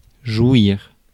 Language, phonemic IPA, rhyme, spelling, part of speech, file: French, /ʒwiʁ/, -wiʁ, jouir, verb, Fr-jouir.ogg
- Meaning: 1. to enjoy 2. to have an orgasm; to come, cum 3. to have an orgasm; to come, cum: to ejaculate